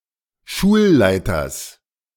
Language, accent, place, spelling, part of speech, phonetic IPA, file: German, Germany, Berlin, Schulleiters, noun, [ˈʃuːlˌlaɪ̯tɐs], De-Schulleiters.ogg
- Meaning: genitive singular of Schulleiter